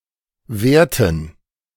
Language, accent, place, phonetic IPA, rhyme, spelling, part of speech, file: German, Germany, Berlin, [ˈveːɐ̯tn̩], -eːɐ̯tn̩, wehrten, verb, De-wehrten.ogg
- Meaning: inflection of wehren: 1. first/third-person plural preterite 2. first/third-person plural subjunctive II